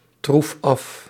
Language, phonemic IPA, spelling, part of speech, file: Dutch, /ˈtruf ˈɑf/, troef af, verb, Nl-troef af.ogg
- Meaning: inflection of aftroeven: 1. first-person singular present indicative 2. second-person singular present indicative 3. imperative